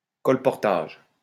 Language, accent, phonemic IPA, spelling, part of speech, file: French, France, /kɔl.pɔʁ.taʒ/, colportage, noun, LL-Q150 (fra)-colportage.wav
- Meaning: colportage